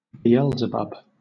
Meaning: 1. A Canaanite deity worshipped at Ekron 2. Satan, the Devil
- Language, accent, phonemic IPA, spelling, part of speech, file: English, Southern England, /biːˈɛlzɪbʌb/, Beelzebub, proper noun, LL-Q1860 (eng)-Beelzebub.wav